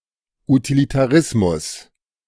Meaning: utilitarianism (the theory of the "greatest happiness for the greatest number of people")
- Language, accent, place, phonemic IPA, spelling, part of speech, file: German, Germany, Berlin, /utilitaˈʁɪsmʊs/, Utilitarismus, noun, De-Utilitarismus.ogg